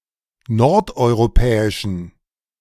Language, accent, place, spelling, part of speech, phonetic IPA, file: German, Germany, Berlin, nordeuropäischen, adjective, [ˈnɔʁtʔɔɪ̯ʁoˌpɛːɪʃn̩], De-nordeuropäischen.ogg
- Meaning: inflection of nordeuropäisch: 1. strong genitive masculine/neuter singular 2. weak/mixed genitive/dative all-gender singular 3. strong/weak/mixed accusative masculine singular 4. strong dative plural